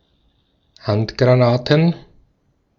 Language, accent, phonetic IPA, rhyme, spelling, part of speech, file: German, Austria, [ˈhantɡʁaˌnaːtn̩], -antɡʁanaːtn̩, Handgranaten, noun, De-at-Handgranaten.ogg
- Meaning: plural of Handgranate